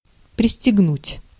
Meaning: to buckle up, to zip up, to button up, to fasten
- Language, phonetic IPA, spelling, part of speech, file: Russian, [prʲɪsʲtʲɪɡˈnutʲ], пристегнуть, verb, Ru-пристегнуть.ogg